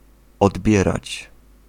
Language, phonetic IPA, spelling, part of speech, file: Polish, [ɔdˈbʲjɛrat͡ɕ], odbierać, verb, Pl-odbierać.ogg